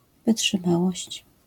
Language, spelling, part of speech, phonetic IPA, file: Polish, wytrzymałość, noun, [ˌvɨṭʃɨ̃ˈmawɔɕt͡ɕ], LL-Q809 (pol)-wytrzymałość.wav